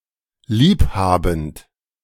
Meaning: present participle of lieb haben
- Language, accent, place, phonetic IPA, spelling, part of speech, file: German, Germany, Berlin, [ˈliːp haːbn̩t], lieb habend, verb, De-lieb habend.ogg